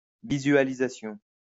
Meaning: visualization
- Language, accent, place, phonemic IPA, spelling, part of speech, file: French, France, Lyon, /vi.zɥa.li.za.sjɔ̃/, visualisation, noun, LL-Q150 (fra)-visualisation.wav